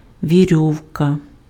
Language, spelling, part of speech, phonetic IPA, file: Ukrainian, вірьовка, noun, [ʋʲiˈrʲɔu̯kɐ], Uk-вірьовка.ogg
- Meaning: rope, line